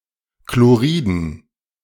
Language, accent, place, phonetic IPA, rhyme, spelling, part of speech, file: German, Germany, Berlin, [kloˈʁiːdn̩], -iːdn̩, Chloriden, noun, De-Chloriden.ogg
- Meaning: dative plural of Chlorid